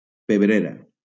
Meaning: pepper pot
- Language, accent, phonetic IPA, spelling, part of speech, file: Catalan, Valencia, [peˈbɾe.ɾa], pebrera, noun, LL-Q7026 (cat)-pebrera.wav